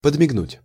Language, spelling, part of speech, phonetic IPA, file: Russian, подмигнуть, verb, [pədmʲɪɡˈnutʲ], Ru-подмигнуть.ogg
- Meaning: to wink (to blink with only one eye as a message, signal, or suggestion)